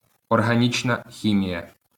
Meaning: organic chemistry
- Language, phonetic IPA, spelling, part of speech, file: Ukrainian, [ɔrɦɐˈnʲit͡ʃnɐ ˈxʲimʲijɐ], органічна хімія, noun, LL-Q8798 (ukr)-органічна хімія.wav